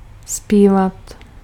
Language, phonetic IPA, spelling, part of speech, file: Czech, [ˈspiːvat], zpívat, verb, Cs-zpívat.ogg
- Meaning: to sing